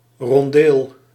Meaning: 1. a semi-circular outcropping tower in a fortification, a roundel 2. a chalice or other vessel containing a usually alcoholic drink that was passed around at a feast 3. a rondeau
- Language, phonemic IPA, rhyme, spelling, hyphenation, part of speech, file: Dutch, /rɔnˈdeːl/, -eːl, rondeel, ron‧deel, noun, Nl-rondeel.ogg